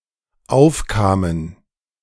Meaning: first/third-person plural dependent preterite of aufkommen
- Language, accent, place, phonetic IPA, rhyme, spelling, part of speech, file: German, Germany, Berlin, [ˈaʊ̯fˌkaːmən], -aʊ̯fkaːmən, aufkamen, verb, De-aufkamen.ogg